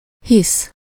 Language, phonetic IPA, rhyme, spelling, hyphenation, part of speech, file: Hungarian, [ˈhis], -is, hisz, hisz, verb / conjunction / noun, Hu-hisz.ogg
- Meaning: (verb) to believe (to find a statement or utterance true or to find or an event/feature existing)